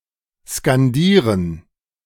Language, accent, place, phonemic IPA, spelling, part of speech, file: German, Germany, Berlin, /skanˈdiːrən/, skandieren, verb, De-skandieren.ogg
- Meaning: 1. to chant 2. to scan (read out with emphasis to show the metre)